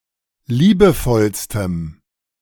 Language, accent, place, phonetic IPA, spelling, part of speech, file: German, Germany, Berlin, [ˈliːbəˌfɔlstəm], liebevollstem, adjective, De-liebevollstem.ogg
- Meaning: strong dative masculine/neuter singular superlative degree of liebevoll